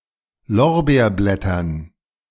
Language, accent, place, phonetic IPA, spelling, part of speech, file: German, Germany, Berlin, [ˈlɔʁbeːɐ̯ˌblɛtɐn], Lorbeerblättern, noun, De-Lorbeerblättern.ogg
- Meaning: dative plural of Lorbeerblatt